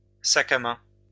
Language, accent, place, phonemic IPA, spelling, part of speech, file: French, France, Lyon, /sa.k‿a mɛ̃/, sac à main, noun, LL-Q150 (fra)-sac à main.wav
- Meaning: handbag; purse